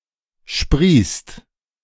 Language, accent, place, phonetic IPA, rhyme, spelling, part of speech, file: German, Germany, Berlin, [ʃpʁiːst], -iːst, sprießt, verb, De-sprießt.ogg
- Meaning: inflection of sprießen: 1. second/third-person singular present 2. second-person plural present 3. plural imperative